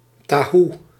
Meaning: tofu
- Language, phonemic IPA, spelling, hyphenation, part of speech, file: Dutch, /taːˈɦu/, tahoe, ta‧hoe, noun, Nl-tahoe.ogg